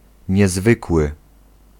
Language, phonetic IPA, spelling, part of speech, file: Polish, [ɲɛˈzvɨkwɨ], niezwykły, adjective, Pl-niezwykły.ogg